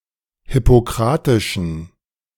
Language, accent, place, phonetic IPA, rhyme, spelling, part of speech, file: German, Germany, Berlin, [hɪpoˈkʁaːtɪʃn̩], -aːtɪʃn̩, hippokratischen, adjective, De-hippokratischen.ogg
- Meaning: inflection of hippokratisch: 1. strong genitive masculine/neuter singular 2. weak/mixed genitive/dative all-gender singular 3. strong/weak/mixed accusative masculine singular 4. strong dative plural